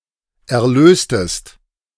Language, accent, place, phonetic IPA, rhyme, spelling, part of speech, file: German, Germany, Berlin, [ɛɐ̯ˈløːstəst], -øːstəst, erlöstest, verb, De-erlöstest.ogg
- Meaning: inflection of erlösen: 1. second-person singular preterite 2. second-person singular subjunctive I